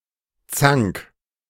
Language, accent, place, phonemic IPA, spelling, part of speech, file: German, Germany, Berlin, /t͡saŋk/, Zank, noun, De-Zank.ogg
- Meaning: row, argument, quarrel